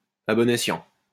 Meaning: wisely, using one's best judgement
- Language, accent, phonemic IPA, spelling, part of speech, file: French, France, /a bɔ.n‿e.sjɑ̃/, à bon escient, adverb, LL-Q150 (fra)-à bon escient.wav